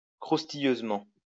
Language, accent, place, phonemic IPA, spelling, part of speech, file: French, France, Lyon, /kʁus.ti.jøz.mɑ̃/, croustilleusement, adverb, LL-Q150 (fra)-croustilleusement.wav
- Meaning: grittily, crisply